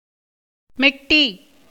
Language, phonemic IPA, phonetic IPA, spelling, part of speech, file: Tamil, /mɛʈːiː/, [me̞ʈːiː], மெட்டி, noun, Ta-மெட்டி.ogg
- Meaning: toe ring